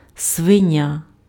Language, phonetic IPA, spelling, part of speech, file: Ukrainian, [sʋeˈnʲa], свиня, noun, Uk-свиня.ogg
- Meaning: 1. swine, pig 2. sow (female pig) 3. swine (contemptible person)